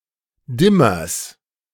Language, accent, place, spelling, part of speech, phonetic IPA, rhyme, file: German, Germany, Berlin, Dimmers, noun, [ˈdɪmɐs], -ɪmɐs, De-Dimmers.ogg
- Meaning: genitive singular of Dimmer